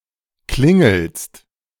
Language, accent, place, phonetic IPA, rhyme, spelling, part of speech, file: German, Germany, Berlin, [ˈklɪŋl̩st], -ɪŋl̩st, klingelst, verb, De-klingelst.ogg
- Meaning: second-person singular present of klingeln